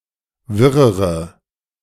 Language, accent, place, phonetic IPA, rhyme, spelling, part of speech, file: German, Germany, Berlin, [ˈvɪʁəʁə], -ɪʁəʁə, wirrere, adjective, De-wirrere.ogg
- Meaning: inflection of wirr: 1. strong/mixed nominative/accusative feminine singular comparative degree 2. strong nominative/accusative plural comparative degree